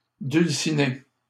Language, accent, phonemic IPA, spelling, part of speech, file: French, Canada, /dyl.si.ne/, dulcinée, noun, LL-Q150 (fra)-dulcinée.wav
- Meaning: inspiring, beautiful woman